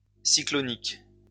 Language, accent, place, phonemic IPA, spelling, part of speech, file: French, France, Lyon, /si.klɔ.nik/, cyclonique, adjective, LL-Q150 (fra)-cyclonique.wav
- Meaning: cyclonic